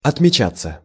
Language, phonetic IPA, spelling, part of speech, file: Russian, [ɐtmʲɪˈt͡ɕat͡sːə], отмечаться, verb, Ru-отмечаться.ogg
- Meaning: 1. to check in, to sign in, to sign up, to register (e.g. one's arrival or departure) 2. to stand out, to make a mark 3. passive of отмеча́ть (otmečátʹ)